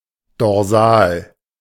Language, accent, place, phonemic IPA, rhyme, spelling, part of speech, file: German, Germany, Berlin, /dɔʁˈzaːl/, -aːl, dorsal, adjective, De-dorsal.ogg
- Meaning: dorsal